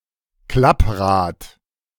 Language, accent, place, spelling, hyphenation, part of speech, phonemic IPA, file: German, Germany, Berlin, Klapprad, Klapp‧rad, noun, /ˈklapˌʁaːt/, De-Klapprad.ogg
- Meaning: folding bicycle; collapsible bicycle